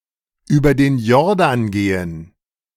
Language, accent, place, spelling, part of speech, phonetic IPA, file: German, Germany, Berlin, über den Jordan gehen, verb, [ˌyːbɐ deːn ˈjɔʁdan ˌɡeːən], De-über den Jordan gehen.ogg
- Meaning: to die